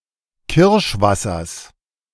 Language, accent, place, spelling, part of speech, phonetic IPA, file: German, Germany, Berlin, Kirschwassers, noun, [ˈkɪʁʃˌvasɐs], De-Kirschwassers.ogg
- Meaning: genitive of Kirschwasser